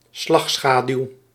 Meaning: shadow, umbra (dark regions of a shadow)
- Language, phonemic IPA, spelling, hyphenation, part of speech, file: Dutch, /ˈslɑxˌsxaː.dyu̯/, slagschaduw, slag‧scha‧duw, noun, Nl-slagschaduw.ogg